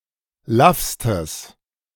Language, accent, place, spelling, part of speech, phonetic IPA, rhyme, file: German, Germany, Berlin, laffstes, adjective, [ˈlafstəs], -afstəs, De-laffstes.ogg
- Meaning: strong/mixed nominative/accusative neuter singular superlative degree of laff